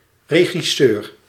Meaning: director (of film, TV, or theater)
- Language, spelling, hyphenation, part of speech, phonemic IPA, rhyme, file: Dutch, regisseur, re‧gis‧seur, noun, /ˌreː.ɣiˈsøːr/, -øːr, Nl-regisseur.ogg